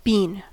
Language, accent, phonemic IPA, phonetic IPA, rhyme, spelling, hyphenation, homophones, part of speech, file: English, US, /ˈbi(ː)n/, [ˈbɪin], -iːn, bean, bean, being, noun / verb, En-us-bean.ogg
- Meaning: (noun) Any plant of several genera of the taxonomic family Fabaceae that produces large edible seeds or edible seedpods